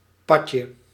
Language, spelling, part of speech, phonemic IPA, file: Dutch, padje, noun, /ˈpɑtʃə/, Nl-padje.ogg
- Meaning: 1. diminutive of pad (“toad”) 2. diminutive of pad (“path”) in van het padje af (“confused, crazy”)